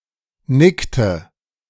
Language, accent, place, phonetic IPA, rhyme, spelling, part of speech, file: German, Germany, Berlin, [ˈnɪktə], -ɪktə, nickte, verb, De-nickte.ogg
- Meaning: inflection of nicken: 1. first/third-person singular preterite 2. first/third-person singular subjunctive II